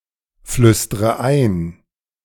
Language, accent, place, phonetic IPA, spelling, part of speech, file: German, Germany, Berlin, [ˌflʏstʁə ˈaɪ̯n], flüstre ein, verb, De-flüstre ein.ogg
- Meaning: inflection of einflüstern: 1. first-person singular present 2. first/third-person singular subjunctive I 3. singular imperative